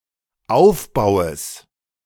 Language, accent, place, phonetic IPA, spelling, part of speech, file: German, Germany, Berlin, [ˈaʊ̯fˌbaʊ̯əs], Aufbaues, noun, De-Aufbaues.ogg
- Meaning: genitive singular of Aufbau